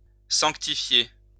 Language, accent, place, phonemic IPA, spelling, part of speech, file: French, France, Lyon, /sɑ̃(k).ti.fje/, sanctifier, verb, LL-Q150 (fra)-sanctifier.wav
- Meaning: to sanctify